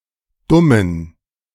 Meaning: inflection of dumm: 1. strong genitive masculine/neuter singular 2. weak/mixed genitive/dative all-gender singular 3. strong/weak/mixed accusative masculine singular 4. strong dative plural
- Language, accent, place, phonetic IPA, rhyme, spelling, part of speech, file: German, Germany, Berlin, [ˈdʊmən], -ʊmən, dummen, adjective, De-dummen.ogg